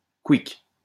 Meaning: (to express sudden death or destruction)
- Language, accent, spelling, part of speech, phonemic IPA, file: French, France, couic, interjection, /kwik/, LL-Q150 (fra)-couic.wav